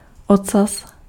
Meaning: 1. tail 2. penis
- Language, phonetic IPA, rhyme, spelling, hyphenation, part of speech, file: Czech, [ˈot͡sas], -as, ocas, ocas, noun, Cs-ocas.ogg